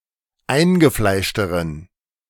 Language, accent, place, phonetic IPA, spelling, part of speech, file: German, Germany, Berlin, [ˈaɪ̯nɡəˌflaɪ̯ʃtəʁən], eingefleischteren, adjective, De-eingefleischteren.ogg
- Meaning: inflection of eingefleischt: 1. strong genitive masculine/neuter singular comparative degree 2. weak/mixed genitive/dative all-gender singular comparative degree